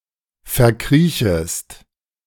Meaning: second-person singular subjunctive I of verkriechen
- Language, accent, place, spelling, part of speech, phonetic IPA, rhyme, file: German, Germany, Berlin, verkriechest, verb, [fɛɐ̯ˈkʁiːçəst], -iːçəst, De-verkriechest.ogg